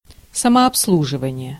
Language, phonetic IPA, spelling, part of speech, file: Russian, [səmɐɐpsˈɫuʐɨvənʲɪje], самообслуживание, noun, Ru-самообслуживание.ogg
- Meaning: self-service